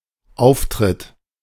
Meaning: 1. appearance, look, comportment, behavior 2. entry, entrance 3. gig, appearance, performance 4. scene 5. step or something similar
- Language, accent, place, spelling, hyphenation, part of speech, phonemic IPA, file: German, Germany, Berlin, Auftritt, Auf‧tritt, noun, /ˈaʊftʁɪt/, De-Auftritt.ogg